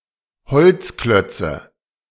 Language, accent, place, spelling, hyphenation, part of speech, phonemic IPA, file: German, Germany, Berlin, Holzklötze, Holz‧klöt‧ze, noun, /ˈhɔlt͡sˌklœt͡sə/, De-Holzklötze.ogg
- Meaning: nominative/accusative/genitive plural of Holzklotz